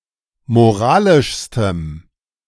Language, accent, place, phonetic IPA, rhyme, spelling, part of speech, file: German, Germany, Berlin, [moˈʁaːlɪʃstəm], -aːlɪʃstəm, moralischstem, adjective, De-moralischstem.ogg
- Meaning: strong dative masculine/neuter singular superlative degree of moralisch